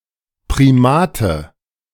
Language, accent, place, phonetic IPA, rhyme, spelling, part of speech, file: German, Germany, Berlin, [pʁiˈmaːtə], -aːtə, Primate, noun, De-Primate.ogg
- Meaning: nominative/accusative/genitive plural of Primat